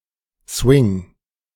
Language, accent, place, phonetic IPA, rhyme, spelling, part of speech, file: German, Germany, Berlin, [svɪŋ], -ɪŋ, Swing, noun, De-Swing.ogg
- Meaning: 1. swing 2. swing credit